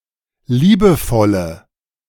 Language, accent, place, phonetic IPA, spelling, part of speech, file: German, Germany, Berlin, [ˈliːbəˌfɔlə], liebevolle, adjective, De-liebevolle.ogg
- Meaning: inflection of liebevoll: 1. strong/mixed nominative/accusative feminine singular 2. strong nominative/accusative plural 3. weak nominative all-gender singular